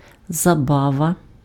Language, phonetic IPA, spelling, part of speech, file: Ukrainian, [zɐˈbaʋɐ], забава, noun, Uk-забава.ogg
- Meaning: fun, amusement, entertainment